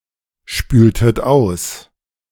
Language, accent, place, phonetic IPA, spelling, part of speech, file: German, Germany, Berlin, [ˌʃpyːltət ˈaʊ̯s], spültet aus, verb, De-spültet aus.ogg
- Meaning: inflection of ausspülen: 1. second-person plural preterite 2. second-person plural subjunctive II